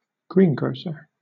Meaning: 1. A person who sells fresh vegetables and fruit, normally from a relatively small shop 2. A relatively small shop selling fresh vegetables and fruit
- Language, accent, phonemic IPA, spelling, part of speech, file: English, Southern England, /ˈɡɹinˌɡɹəʊs.ə(ɹ)/, greengrocer, noun, LL-Q1860 (eng)-greengrocer.wav